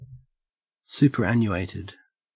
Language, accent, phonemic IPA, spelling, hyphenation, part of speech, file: English, Australia, /ˌsupɚˈænjuˌeɪtɪd/, superannuated, su‧per‧an‧nu‧at‧ed, adjective / verb, En-au-superannuated.ogg
- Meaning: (adjective) 1. Obsolete, antiquated 2. Retired or discarded due to age; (verb) simple past and past participle of superannuate